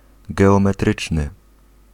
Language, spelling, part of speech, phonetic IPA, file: Polish, geometryczny, adjective, [ˌɡɛɔ̃mɛˈtrɨt͡ʃnɨ], Pl-geometryczny.ogg